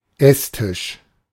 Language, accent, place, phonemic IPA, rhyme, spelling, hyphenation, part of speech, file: German, Germany, Berlin, /ˈɛsˌtɪʃ/, -ɪʃ, Esstisch, Ess‧tisch, noun, De-Esstisch.ogg
- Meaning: table upon which meals are eaten; eating table; dinner table